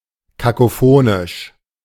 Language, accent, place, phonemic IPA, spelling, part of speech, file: German, Germany, Berlin, /kakoˈfoːnɪʃ/, kakophonisch, adjective, De-kakophonisch.ogg
- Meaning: cacophonous